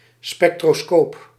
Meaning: spectroscope
- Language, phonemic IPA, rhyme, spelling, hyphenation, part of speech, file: Dutch, /spɛk.troːˈskoːp/, -oːp, spectroscoop, spec‧tro‧scoop, noun, Nl-spectroscoop.ogg